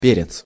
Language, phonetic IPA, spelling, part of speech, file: Russian, [ˈpʲerʲɪt͡s], перец, noun, Ru-перец.ogg
- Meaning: pepper (including sweet peppers, chilis as well as black pepper)